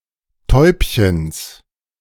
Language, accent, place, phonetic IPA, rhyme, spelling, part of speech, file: German, Germany, Berlin, [ˈtɔɪ̯pçəns], -ɔɪ̯pçəns, Täubchens, noun, De-Täubchens.ogg
- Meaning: genitive singular of Täubchen